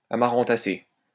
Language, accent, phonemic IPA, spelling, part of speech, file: French, France, /a.ma.ʁɑ̃.ta.se/, amarantacée, noun, LL-Q150 (fra)-amarantacée.wav
- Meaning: amaranth (of family Amaranthaceae)